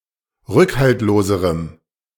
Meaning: strong dative masculine/neuter singular comparative degree of rückhaltlos
- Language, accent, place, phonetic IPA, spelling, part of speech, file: German, Germany, Berlin, [ˈʁʏkhaltloːzəʁəm], rückhaltloserem, adjective, De-rückhaltloserem.ogg